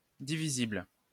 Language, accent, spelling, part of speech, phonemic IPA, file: French, France, divisible, adjective, /di.vi.zibl/, LL-Q150 (fra)-divisible.wav
- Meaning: divisible